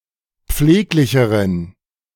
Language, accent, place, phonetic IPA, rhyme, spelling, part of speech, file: German, Germany, Berlin, [ˈp͡fleːklɪçəʁən], -eːklɪçəʁən, pfleglicheren, adjective, De-pfleglicheren.ogg
- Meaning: inflection of pfleglich: 1. strong genitive masculine/neuter singular comparative degree 2. weak/mixed genitive/dative all-gender singular comparative degree